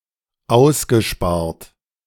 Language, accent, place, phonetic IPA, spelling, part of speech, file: German, Germany, Berlin, [ˈaʊ̯sɡəˌʃpaːɐ̯t], ausgespart, verb, De-ausgespart.ogg
- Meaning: past participle of aussparen